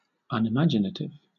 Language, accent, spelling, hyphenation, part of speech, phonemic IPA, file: English, Southern England, unimaginative, un‧i‧ma‧gi‧na‧tive, adjective, /ˌʌnɪˈmad͡ʒɪnətɪv/, LL-Q1860 (eng)-unimaginative.wav
- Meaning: Not imaginative